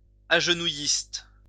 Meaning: kneeling
- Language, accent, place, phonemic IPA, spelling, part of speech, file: French, France, Lyon, /aʒ.nu.jist/, agenouilliste, adjective, LL-Q150 (fra)-agenouilliste.wav